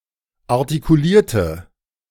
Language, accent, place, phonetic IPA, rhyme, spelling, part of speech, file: German, Germany, Berlin, [aʁtikuˈliːɐ̯tə], -iːɐ̯tə, artikulierte, adjective / verb, De-artikulierte.ogg
- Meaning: inflection of artikulieren: 1. first/third-person singular preterite 2. first/third-person singular subjunctive II